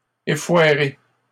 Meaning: feminine plural of effoiré
- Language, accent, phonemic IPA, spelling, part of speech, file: French, Canada, /e.fwa.ʁe/, effoirées, verb, LL-Q150 (fra)-effoirées.wav